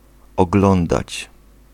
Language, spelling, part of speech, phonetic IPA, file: Polish, oglądać, verb, [ɔɡˈlɔ̃ndat͡ɕ], Pl-oglądać.ogg